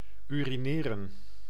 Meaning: to urinate (to pass urine from the body)
- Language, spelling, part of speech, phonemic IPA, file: Dutch, urineren, verb, /ˌyriˈnɪːrə(n)/, Nl-urineren.ogg